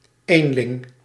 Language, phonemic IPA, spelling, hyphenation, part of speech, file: Dutch, /ˈeːn.lɪŋ/, eenling, een‧ling, noun, Nl-eenling.ogg
- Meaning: 1. a loner, someone who is or operates alone 2. a baby born alone; not a multiple birth